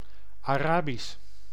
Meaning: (proper noun) Arabic (language or script); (adjective) Arabian; Arab; Arabic
- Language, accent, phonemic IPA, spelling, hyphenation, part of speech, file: Dutch, Netherlands, /ɑˈraːbis/, Arabisch, Ara‧bisch, proper noun / adjective, Nl-Arabisch.ogg